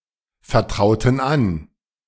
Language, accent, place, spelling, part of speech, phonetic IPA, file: German, Germany, Berlin, vertrauten an, verb, [fɛɐ̯ˌtʁaʊ̯tn̩ ˈan], De-vertrauten an.ogg
- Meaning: inflection of anvertrauen: 1. first/third-person plural preterite 2. first/third-person plural subjunctive II